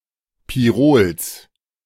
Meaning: genitive of Pirol
- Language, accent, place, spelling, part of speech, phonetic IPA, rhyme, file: German, Germany, Berlin, Pirols, noun, [piˈʁoːls], -oːls, De-Pirols.ogg